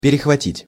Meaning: 1. to intercept, to catch 2. to tap (into phone calls)
- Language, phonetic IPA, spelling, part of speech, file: Russian, [pʲɪrʲɪxvɐˈtʲitʲ], перехватить, verb, Ru-перехватить.ogg